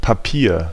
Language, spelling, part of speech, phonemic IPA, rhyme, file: German, Papier, noun, /paˈpiːɐ̯/, -iːɐ̯, De-Papier.ogg
- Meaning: 1. paper (material) 2. wrapping made of paper or a similar material, e.g. with foodstuffs 3. a sheet of paper 4. a document or proof, especially ellipsis of Ausweispapier (“identity document, papers”)